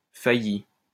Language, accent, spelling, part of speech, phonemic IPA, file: French, France, failli, verb / noun / adjective, /fa.ji/, LL-Q150 (fra)-failli.wav
- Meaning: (verb) past participle of faillir; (noun) bankrupt; insolvent